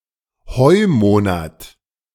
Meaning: July
- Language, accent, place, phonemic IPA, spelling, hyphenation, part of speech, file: German, Germany, Berlin, /ˈhɔɪ̯ˌmoːnat/, Heumonat, Heu‧mo‧nat, noun, De-Heumonat.ogg